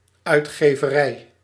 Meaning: publisher, especially a publishing house or publishing company
- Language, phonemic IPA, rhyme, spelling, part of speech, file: Dutch, /ˌœy̯txeːvəˈrɛi̯/, -ɛi̯, uitgeverij, noun, Nl-uitgeverij.ogg